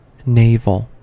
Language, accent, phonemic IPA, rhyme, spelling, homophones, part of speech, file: English, US, /ˈneɪvəl/, -eɪvəl, naval, navel, adjective, En-us-naval.ogg
- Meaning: 1. Of or relating to a navy 2. Of or relating to ships in general